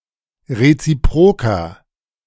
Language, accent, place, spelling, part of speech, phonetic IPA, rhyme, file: German, Germany, Berlin, reziproker, adjective, [ʁet͡siˈpʁoːkɐ], -oːkɐ, De-reziproker.ogg
- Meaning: inflection of reziprok: 1. strong/mixed nominative masculine singular 2. strong genitive/dative feminine singular 3. strong genitive plural